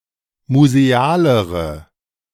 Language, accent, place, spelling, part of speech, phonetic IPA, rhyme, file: German, Germany, Berlin, musealere, adjective, [muzeˈaːləʁə], -aːləʁə, De-musealere.ogg
- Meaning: inflection of museal: 1. strong/mixed nominative/accusative feminine singular comparative degree 2. strong nominative/accusative plural comparative degree